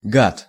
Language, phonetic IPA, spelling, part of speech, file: Russian, [ɡat], гад, noun, Ru-гад.ogg
- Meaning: 1. reptile or amphibian 2. creep, repulsive person, vile creature, scoundrel, cad, asshole, bastard